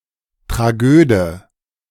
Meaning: tragedian
- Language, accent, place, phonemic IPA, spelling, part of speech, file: German, Germany, Berlin, /tʁaˈɡøːdə/, Tragöde, noun, De-Tragöde.ogg